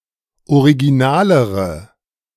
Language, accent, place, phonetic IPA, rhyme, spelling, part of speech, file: German, Germany, Berlin, [oʁiɡiˈnaːləʁə], -aːləʁə, originalere, adjective, De-originalere.ogg
- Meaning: inflection of original: 1. strong/mixed nominative/accusative feminine singular comparative degree 2. strong nominative/accusative plural comparative degree